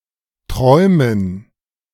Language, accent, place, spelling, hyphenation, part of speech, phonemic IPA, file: German, Germany, Berlin, Träumen, Träu‧men, noun, /ˈtʁɔɪ̯mən/, De-Träumen.ogg
- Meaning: 1. gerund of träumen 2. dative plural of Traum